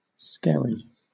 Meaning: A small rocky island which may be covered by the sea at high tide or during storms
- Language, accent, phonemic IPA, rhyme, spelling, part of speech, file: English, Southern England, /ˈskɛɹi/, -ɛɹi, skerry, noun, LL-Q1860 (eng)-skerry.wav